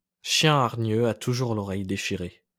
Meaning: an aggressive person will inevitably get themselves hurt
- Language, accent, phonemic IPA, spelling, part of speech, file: French, France, /ʃjɛ̃ aʁ.ɲø a tu.ʒuʁ l‿ɔ.ʁɛj de.ʃi.ʁe/, chien hargneux a toujours l'oreille déchirée, proverb, LL-Q150 (fra)-chien hargneux a toujours l'oreille déchirée.wav